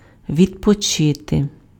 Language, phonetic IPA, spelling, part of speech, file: Ukrainian, [ʋʲidpɔˈt͡ʃɪte], відпочити, verb, Uk-відпочити.ogg
- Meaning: to rest, to have a rest, to take a rest, to relax